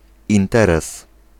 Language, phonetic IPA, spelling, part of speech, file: Polish, [ĩnˈtɛrɛs], interes, noun, Pl-interes.ogg